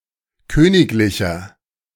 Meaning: inflection of königlich: 1. strong/mixed nominative masculine singular 2. strong genitive/dative feminine singular 3. strong genitive plural
- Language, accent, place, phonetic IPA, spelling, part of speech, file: German, Germany, Berlin, [ˈkøːnɪklɪçɐ], königlicher, adjective, De-königlicher.ogg